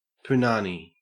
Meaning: 1. The vulva or vagina 2. Sexual intercourse with a woman
- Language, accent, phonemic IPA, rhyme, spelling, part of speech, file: English, Australia, /pʊˈnɑːni/, -ɑːni, punani, noun, En-au-punani.ogg